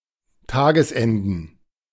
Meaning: plural of Tagesende
- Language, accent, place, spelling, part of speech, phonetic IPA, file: German, Germany, Berlin, Tagesenden, noun, [ˈtaːɡəsˌʔɛndn̩], De-Tagesenden.ogg